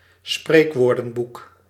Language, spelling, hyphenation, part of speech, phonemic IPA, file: Dutch, spreekwoordenboek, spreek‧woor‧den‧boek, noun, /ˈspreːk.ʋoːr.də(n)ˌbuk/, Nl-spreekwoordenboek.ogg
- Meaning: dictionary of proverbs